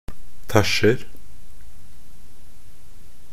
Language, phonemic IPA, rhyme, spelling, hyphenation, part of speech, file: Norwegian Bokmål, /ˈtæʃːər/, -ər, tæsjer, tæsj‧er, verb, Nb-tæsjer.ogg
- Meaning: present tense of tæsje